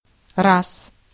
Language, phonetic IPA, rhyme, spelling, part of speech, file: Russian, [ras], -as, раз, noun / adverb / conjunction, Ru-раз.ogg
- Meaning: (noun) 1. time (an instance or occurrence) 2. one (in counting); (adverb) once, one day, once upon a time; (conjunction) if, since; as long as